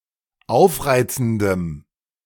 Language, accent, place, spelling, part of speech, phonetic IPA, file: German, Germany, Berlin, aufreizendem, adjective, [ˈaʊ̯fˌʁaɪ̯t͡sn̩dəm], De-aufreizendem.ogg
- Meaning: strong dative masculine/neuter singular of aufreizend